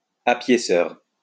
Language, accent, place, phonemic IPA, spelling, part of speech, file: French, France, Lyon, /a.pje.sœʁ/, apiéceur, noun, LL-Q150 (fra)-apiéceur.wav
- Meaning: a tailor who worked from home